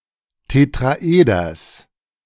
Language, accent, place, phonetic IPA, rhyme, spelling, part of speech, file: German, Germany, Berlin, [tetʁaˈʔeːdɐs], -eːdɐs, Tetraeders, noun, De-Tetraeders.ogg
- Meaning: genitive singular of Tetraeder